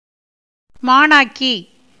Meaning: schoolgirl, female disciple
- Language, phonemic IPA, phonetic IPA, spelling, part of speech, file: Tamil, /mɑːɳɑːkːiː/, [mäːɳäːkːiː], மாணாக்கி, noun, Ta-மாணாக்கி.ogg